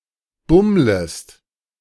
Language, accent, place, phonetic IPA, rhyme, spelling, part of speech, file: German, Germany, Berlin, [ˈbʊmləst], -ʊmləst, bummlest, verb, De-bummlest.ogg
- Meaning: second-person singular subjunctive I of bummeln